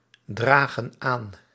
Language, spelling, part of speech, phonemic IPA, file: Dutch, dragen aan, verb, /ˈdraɣə(n) ˈan/, Nl-dragen aan.ogg
- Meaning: inflection of aandragen: 1. plural present indicative 2. plural present subjunctive